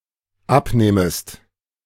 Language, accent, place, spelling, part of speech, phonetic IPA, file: German, Germany, Berlin, abnehmest, verb, [ˈapˌneːməst], De-abnehmest.ogg
- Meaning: second-person singular dependent subjunctive I of abnehmen